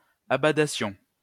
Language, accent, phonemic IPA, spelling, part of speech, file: French, France, /a.ba.da.sjɔ̃/, abadassions, verb, LL-Q150 (fra)-abadassions.wav
- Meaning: first-person plural imperfect subjunctive of abader